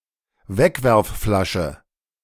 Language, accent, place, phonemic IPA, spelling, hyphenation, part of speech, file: German, Germany, Berlin, /ˈvɛkvɛʁfˌfɔɪ̯ɐt͡sɔɪ̯k/, Wegwerfflasche, Weg‧werf‧fla‧sche, noun, De-Wegwerfflasche.ogg
- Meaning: disposable bottle